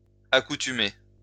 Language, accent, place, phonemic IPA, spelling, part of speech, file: French, France, Lyon, /a.ku.ty.me/, accoutumée, verb, LL-Q150 (fra)-accoutumée.wav
- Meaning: feminine singular of accoutumé